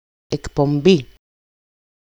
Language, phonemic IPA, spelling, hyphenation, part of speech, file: Greek, /ek.pomˈbi/, εκπομπή, εκ‧πο‧μπή, noun, EL-εκπομπή.ogg
- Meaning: 1. programme (UK), program (US) 2. broadcast 3. emission